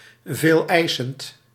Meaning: exacting
- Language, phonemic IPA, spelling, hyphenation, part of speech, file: Dutch, /ˌveːlˈɛi̯.sənt/, veeleisend, veel‧ei‧send, adjective, Nl-veeleisend.ogg